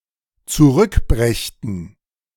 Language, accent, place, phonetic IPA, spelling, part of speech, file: German, Germany, Berlin, [t͡suˈʁʏkˌbʁɛçtn̩], zurückbrächten, verb, De-zurückbrächten.ogg
- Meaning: first/third-person plural dependent subjunctive II of zurückbringen